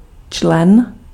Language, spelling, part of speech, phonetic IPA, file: Czech, člen, noun, [ˈt͡ʃlɛn], Cs-člen.ogg
- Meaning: 1. member 2. element (in a sequence) 3. article; element